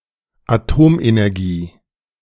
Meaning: atomic energy, nuclear energy (energy released by an atom)
- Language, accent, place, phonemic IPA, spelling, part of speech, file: German, Germany, Berlin, /aˈtoːmʔenɛʁˌɡiː/, Atomenergie, noun, De-Atomenergie2.ogg